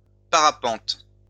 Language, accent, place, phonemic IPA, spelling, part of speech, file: French, France, Lyon, /pa.ʁa.pɑ̃t/, parapente, noun, LL-Q150 (fra)-parapente.wav
- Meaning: 1. paraglider 2. paragliding